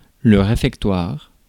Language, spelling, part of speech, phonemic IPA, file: French, réfectoire, noun, /ʁe.fɛk.twaʁ/, Fr-réfectoire.ogg
- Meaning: refectory, dining hall, cafeteria